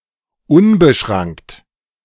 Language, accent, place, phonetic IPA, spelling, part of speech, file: German, Germany, Berlin, [ˈʊnbəˌʃʁaŋkt], unbeschrankt, adjective, De-unbeschrankt.ogg
- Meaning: alternative form of unbeschränkt